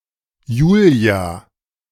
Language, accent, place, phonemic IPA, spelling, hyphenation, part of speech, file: German, Germany, Berlin, /ˈjuːli̯a/, Julia, Ju‧lia, proper noun, De-Julia.ogg
- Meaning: 1. a female given name from Latin 2. a female given name from Latin: Juliet (lover of Romeo)